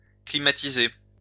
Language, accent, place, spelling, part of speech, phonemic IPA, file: French, France, Lyon, climatiser, verb, /kli.ma.ti.ze/, LL-Q150 (fra)-climatiser.wav
- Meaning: to air-condition